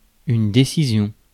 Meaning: decision
- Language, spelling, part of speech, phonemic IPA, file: French, décision, noun, /de.si.zjɔ̃/, Fr-décision.ogg